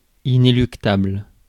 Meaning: ineluctable; inevitable, unescapable
- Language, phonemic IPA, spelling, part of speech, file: French, /i.ne.lyk.tabl/, inéluctable, adjective, Fr-inéluctable.ogg